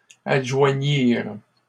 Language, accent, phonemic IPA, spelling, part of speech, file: French, Canada, /ad.ʒwa.ɲiʁ/, adjoignirent, verb, LL-Q150 (fra)-adjoignirent.wav
- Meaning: third-person plural past historic of adjoindre